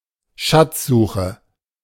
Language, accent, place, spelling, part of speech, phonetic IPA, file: German, Germany, Berlin, Schatzsuche, noun, [ˈʃat͡sˌzuːxə], De-Schatzsuche.ogg
- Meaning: treasure hunt